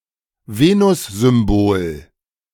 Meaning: Venus symbol
- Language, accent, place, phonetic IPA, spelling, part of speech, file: German, Germany, Berlin, [ˈveːnʊszʏmˌboːl], Venussymbol, noun, De-Venussymbol.ogg